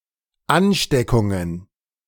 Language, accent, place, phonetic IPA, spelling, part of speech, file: German, Germany, Berlin, [ˈanˌʃtɛkʊŋən], Ansteckungen, noun, De-Ansteckungen.ogg
- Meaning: plural of Ansteckung